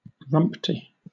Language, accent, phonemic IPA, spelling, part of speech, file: English, Southern England, /ˈɹʌmp.ti/, rumpty, interjection / adjective, LL-Q1860 (eng)-rumpty.wav
- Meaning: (interjection) A nonsense word, especially in simple or childish songs; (adjective) Of a quality below standard; in a state of disrepair